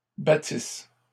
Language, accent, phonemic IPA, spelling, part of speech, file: French, Canada, /ba.tis/, battisses, verb, LL-Q150 (fra)-battisses.wav
- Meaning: second-person singular imperfect subjunctive of battre